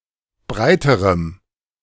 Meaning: strong dative masculine/neuter singular comparative degree of breit
- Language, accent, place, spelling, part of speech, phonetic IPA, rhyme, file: German, Germany, Berlin, breiterem, adjective, [ˈbʁaɪ̯təʁəm], -aɪ̯təʁəm, De-breiterem.ogg